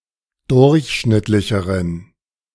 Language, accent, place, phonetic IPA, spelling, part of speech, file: German, Germany, Berlin, [ˈdʊʁçˌʃnɪtlɪçəʁən], durchschnittlicheren, adjective, De-durchschnittlicheren.ogg
- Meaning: inflection of durchschnittlich: 1. strong genitive masculine/neuter singular comparative degree 2. weak/mixed genitive/dative all-gender singular comparative degree